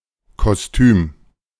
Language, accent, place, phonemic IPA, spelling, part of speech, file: German, Germany, Berlin, /kɔsˈtyːm/, Kostüm, noun, De-Kostüm.ogg
- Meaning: 1. skirt suit (women’s business suit consisting of a skirt and jacket) 2. costume (outfit worn by an actor) 3. costume, fancy dress (outfit worn for masquerade)